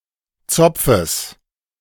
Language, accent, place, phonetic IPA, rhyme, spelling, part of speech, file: German, Germany, Berlin, [ˈt͡sɔp͡fəs], -ɔp͡fəs, Zopfes, noun, De-Zopfes.ogg
- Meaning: genitive singular of Zopf